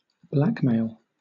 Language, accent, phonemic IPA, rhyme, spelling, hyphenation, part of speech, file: English, Southern England, /ˈblækˌmeɪl/, -ækmeɪl, blackmail, black‧mail, noun / verb, LL-Q1860 (eng)-blackmail.wav
- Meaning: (noun) 1. The extortion of money or favors by threats of public accusation, critique, or exposure 2. Compromising material that can be used to extort someone